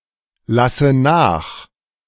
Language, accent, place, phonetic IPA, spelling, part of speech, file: German, Germany, Berlin, [ˌlasə ˈnaːx], lasse nach, verb, De-lasse nach.ogg
- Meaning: inflection of nachlassen: 1. first-person singular present 2. first/third-person singular subjunctive I 3. singular imperative